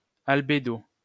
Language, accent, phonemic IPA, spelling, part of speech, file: French, France, /al.be.do/, albédo, noun, LL-Q150 (fra)-albédo.wav
- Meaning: albedo (the fraction of incident light or radiation reflected by a surface or body)